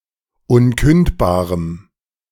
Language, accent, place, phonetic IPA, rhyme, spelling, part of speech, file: German, Germany, Berlin, [ˈʊnˌkʏntbaːʁəm], -ʏntbaːʁəm, unkündbarem, adjective, De-unkündbarem.ogg
- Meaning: strong dative masculine/neuter singular of unkündbar